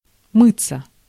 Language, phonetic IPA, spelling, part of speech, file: Russian, [ˈmɨt͡sːə], мыться, verb, Ru-мыться.ogg
- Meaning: to wash oneself